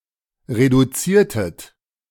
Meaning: inflection of reduzieren: 1. second-person plural preterite 2. second-person plural subjunctive II
- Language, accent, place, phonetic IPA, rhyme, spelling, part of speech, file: German, Germany, Berlin, [ʁeduˈt͡siːɐ̯tət], -iːɐ̯tət, reduziertet, verb, De-reduziertet.ogg